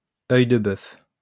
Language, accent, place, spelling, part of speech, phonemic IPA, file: French, France, Lyon, œil-de-bœuf, noun, /œj.də.bœf/, LL-Q150 (fra)-œil-de-bœuf.wav
- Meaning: bull's eye, oculus